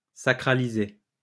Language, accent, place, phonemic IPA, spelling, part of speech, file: French, France, Lyon, /sa.kʁa.li.ze/, sacraliser, verb, LL-Q150 (fra)-sacraliser.wav
- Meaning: to make sacred